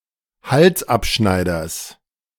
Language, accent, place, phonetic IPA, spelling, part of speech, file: German, Germany, Berlin, [ˈhalsˌʔapʃnaɪ̯dɐs], Halsabschneiders, noun, De-Halsabschneiders.ogg
- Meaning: genitive singular of Halsabschneider